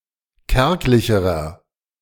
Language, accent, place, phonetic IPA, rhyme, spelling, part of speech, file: German, Germany, Berlin, [ˈkɛʁklɪçəʁɐ], -ɛʁklɪçəʁɐ, kärglicherer, adjective, De-kärglicherer.ogg
- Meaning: inflection of kärglich: 1. strong/mixed nominative masculine singular comparative degree 2. strong genitive/dative feminine singular comparative degree 3. strong genitive plural comparative degree